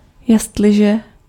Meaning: 1. if 2. whereas
- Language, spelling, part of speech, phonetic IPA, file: Czech, jestliže, conjunction, [ˈjɛstlɪʒɛ], Cs-jestliže.ogg